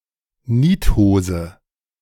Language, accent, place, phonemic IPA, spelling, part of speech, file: German, Germany, Berlin, /ˈniːthoːzə/, Niethose, noun, De-Niethose.ogg
- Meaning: jeans